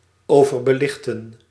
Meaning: to overexpose
- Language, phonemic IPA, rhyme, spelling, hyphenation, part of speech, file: Dutch, /ˌoː.vər.bəˈlɪx.tən/, -ɪxtən, overbelichten, over‧be‧lich‧ten, verb, Nl-overbelichten.ogg